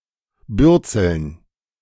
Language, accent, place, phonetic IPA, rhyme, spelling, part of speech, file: German, Germany, Berlin, [ˈbʏʁt͡sl̩n], -ʏʁt͡sl̩n, Bürzeln, noun, De-Bürzeln.ogg
- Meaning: dative plural of Bürzel